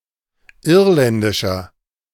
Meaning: inflection of irländisch: 1. strong/mixed nominative masculine singular 2. strong genitive/dative feminine singular 3. strong genitive plural
- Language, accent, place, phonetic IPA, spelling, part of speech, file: German, Germany, Berlin, [ˈɪʁlɛndɪʃɐ], irländischer, adjective, De-irländischer.ogg